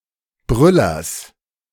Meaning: genitive singular of Brüller
- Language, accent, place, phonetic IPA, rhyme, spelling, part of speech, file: German, Germany, Berlin, [ˈbʁʏlɐs], -ʏlɐs, Brüllers, noun, De-Brüllers.ogg